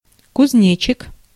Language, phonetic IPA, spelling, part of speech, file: Russian, [kʊzʲˈnʲet͡ɕɪk], кузнечик, noun, Ru-кузнечик.ogg
- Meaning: bush-cricket